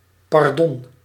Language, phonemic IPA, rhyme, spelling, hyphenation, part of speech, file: Dutch, /pɑrˈdɔn/, -ɔn, pardon, par‧don, interjection / noun, Nl-pardon.ogg
- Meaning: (interjection) I'm sorry, pardon; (noun) pardon, clemency